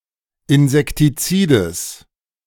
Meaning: genitive singular of Insektizid
- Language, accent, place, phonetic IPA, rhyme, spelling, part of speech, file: German, Germany, Berlin, [ɪnzɛktiˈt͡siːdəs], -iːdəs, Insektizides, noun, De-Insektizides.ogg